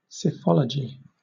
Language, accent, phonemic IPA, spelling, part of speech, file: English, Southern England, /sɪˈfɒl.ə.d͡ʒi/, psephology, noun, LL-Q1860 (eng)-psephology.wav
- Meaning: 1. The predictive or statistical study of elections 2. An ancient Greek method of numerology, similar to gematria